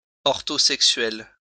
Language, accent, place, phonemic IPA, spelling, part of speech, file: French, France, Lyon, /ɔʁ.to.sɛk.sɥɛl/, orthosexuel, adjective, LL-Q150 (fra)-orthosexuel.wav
- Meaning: orthosexual